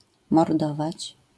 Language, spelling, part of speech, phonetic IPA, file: Polish, mordować, verb, [mɔrˈdɔvat͡ɕ], LL-Q809 (pol)-mordować.wav